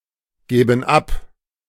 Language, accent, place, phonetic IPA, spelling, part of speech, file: German, Germany, Berlin, [ˌɡɛːbn̩ ˈap], gäben ab, verb, De-gäben ab.ogg
- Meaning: first/third-person plural subjunctive II of abgeben